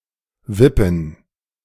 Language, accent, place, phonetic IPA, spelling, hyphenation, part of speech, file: German, Germany, Berlin, [ˈvɪpn̩], wippen, wip‧pen, verb, De-wippen.ogg
- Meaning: to seesaw